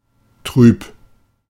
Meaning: 1. turbid, not clear 2. dim, sad
- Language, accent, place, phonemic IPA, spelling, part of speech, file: German, Germany, Berlin, /tʁyːp/, trüb, adjective, De-trüb.ogg